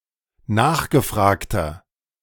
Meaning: 1. comparative degree of nachgefragt 2. inflection of nachgefragt: strong/mixed nominative masculine singular 3. inflection of nachgefragt: strong genitive/dative feminine singular
- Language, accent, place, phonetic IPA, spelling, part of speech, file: German, Germany, Berlin, [ˈnaːxɡəˌfʁaːktɐ], nachgefragter, adjective, De-nachgefragter.ogg